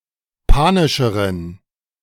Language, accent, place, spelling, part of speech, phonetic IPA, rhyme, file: German, Germany, Berlin, panischeren, adjective, [ˈpaːnɪʃəʁən], -aːnɪʃəʁən, De-panischeren.ogg
- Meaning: inflection of panisch: 1. strong genitive masculine/neuter singular comparative degree 2. weak/mixed genitive/dative all-gender singular comparative degree